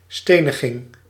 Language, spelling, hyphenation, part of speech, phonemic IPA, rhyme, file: Dutch, steniging, ste‧ni‧ging, noun, /ˈsteː.nə.ɣɪŋ/, -eːnəɣɪŋ, Nl-steniging.ogg
- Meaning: stoning